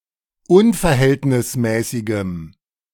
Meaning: strong dative masculine/neuter singular of unverhältnismäßig
- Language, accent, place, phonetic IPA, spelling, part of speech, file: German, Germany, Berlin, [ˈʊnfɛɐ̯ˌhɛltnɪsmɛːsɪɡəm], unverhältnismäßigem, adjective, De-unverhältnismäßigem.ogg